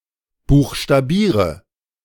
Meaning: inflection of buchstabieren: 1. first-person singular present 2. first/third-person singular subjunctive I 3. singular imperative
- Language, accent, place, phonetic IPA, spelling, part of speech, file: German, Germany, Berlin, [ˌbuːxʃtaˈbiːʁə], buchstabiere, verb, De-buchstabiere.ogg